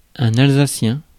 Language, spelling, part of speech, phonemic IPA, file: French, alsacien, adjective / noun, /al.za.sjɛ̃/, Fr-alsacien.ogg
- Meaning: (adjective) Alsatian (of, from or relating to Alsace, a geographic region, traditionally German-speaking, in the administrative region of Grand Est, France)